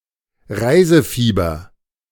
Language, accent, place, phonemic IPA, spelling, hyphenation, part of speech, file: German, Germany, Berlin, /ˈʁaɪ̯zəˌfiːbɐ/, Reisefieber, Rei‧se‧fie‧ber, noun, De-Reisefieber.ogg
- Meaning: Excitement, agitation, and compulsive anxiety experienced before an upcoming trip